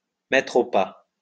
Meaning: to bring to heel, to bring into line, to rein in, to make (someone) conform
- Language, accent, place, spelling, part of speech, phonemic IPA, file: French, France, Lyon, mettre au pas, verb, /mɛ.tʁ‿o pɑ/, LL-Q150 (fra)-mettre au pas.wav